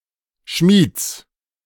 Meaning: genitive singular of Schmied
- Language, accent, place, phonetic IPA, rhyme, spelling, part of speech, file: German, Germany, Berlin, [ʃmiːt͡s], -iːt͡s, Schmieds, noun, De-Schmieds.ogg